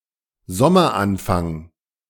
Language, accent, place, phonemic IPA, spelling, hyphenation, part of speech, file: German, Germany, Berlin, /ˈzɔmɐˌʔanfaŋ/, Sommeranfang, Som‧mer‧an‧fang, noun, De-Sommeranfang.ogg
- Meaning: beginning of summer